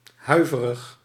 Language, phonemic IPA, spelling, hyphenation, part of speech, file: Dutch, /ˈɦœy̯.və.rəx/, huiverig, hui‧ve‧rig, adjective, Nl-huiverig.ogg
- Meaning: 1. shivery, shivering 2. fearful, trepid, anxious